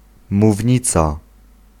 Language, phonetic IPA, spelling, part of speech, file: Polish, [muvʲˈɲit͡sa], mównica, noun, Pl-mównica.ogg